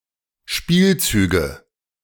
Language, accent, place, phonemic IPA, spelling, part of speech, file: German, Germany, Berlin, /ˈʃpiːlˌt͡syːɡə/, Spielzüge, noun, De-Spielzüge.ogg
- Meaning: nominative/accusative/genitive plural of Spielzug